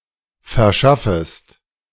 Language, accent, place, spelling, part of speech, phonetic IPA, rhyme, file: German, Germany, Berlin, verschaffest, verb, [fɛɐ̯ˈʃafəst], -afəst, De-verschaffest.ogg
- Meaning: second-person singular subjunctive I of verschaffen